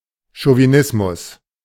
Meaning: 1. chauvinism 2. chauvinist expression or deed 3. male chauvinism 4. male chauvinist expression or deed
- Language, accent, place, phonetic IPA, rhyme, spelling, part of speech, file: German, Germany, Berlin, [ʃoviˈnɪsmʊs], -ɪsmʊs, Chauvinismus, noun, De-Chauvinismus.ogg